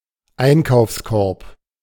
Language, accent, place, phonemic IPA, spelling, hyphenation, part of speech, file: German, Germany, Berlin, /ˈaɪ̯nkaʊ̯fsˌkɔʁp/, Einkaufskorb, Ein‧kaufs‧korb, noun, De-Einkaufskorb.ogg
- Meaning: shopping basket, shopper basket